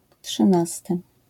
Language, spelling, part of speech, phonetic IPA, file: Polish, trzynasty, adjective / noun, [ṭʃɨ̃ˈnastɨ], LL-Q809 (pol)-trzynasty.wav